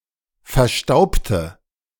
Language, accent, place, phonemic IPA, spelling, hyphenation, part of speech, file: German, Germany, Berlin, /fɛɐ̯ˈʃtaʊ̯btə/, verstaubte, ver‧staub‧te, verb, De-verstaubte.ogg
- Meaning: inflection of verstauben: 1. first/third-person singular preterite 2. first/third-person singular subjunctive II